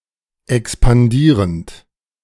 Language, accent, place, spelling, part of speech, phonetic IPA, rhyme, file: German, Germany, Berlin, expandierend, verb, [ɛkspanˈdiːʁənt], -iːʁənt, De-expandierend.ogg
- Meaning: present participle of expandieren